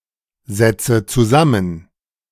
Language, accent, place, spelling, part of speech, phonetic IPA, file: German, Germany, Berlin, setze zusammen, verb, [ˌzɛt͡sə t͡suˈzamən], De-setze zusammen.ogg
- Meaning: inflection of zusammensetzen: 1. first-person singular present 2. first/third-person singular subjunctive I 3. singular imperative